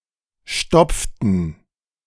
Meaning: inflection of stopfen: 1. first/third-person plural preterite 2. first/third-person plural subjunctive II
- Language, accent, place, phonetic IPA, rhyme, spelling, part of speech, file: German, Germany, Berlin, [ˈʃtɔp͡ftn̩], -ɔp͡ftn̩, stopften, verb, De-stopften.ogg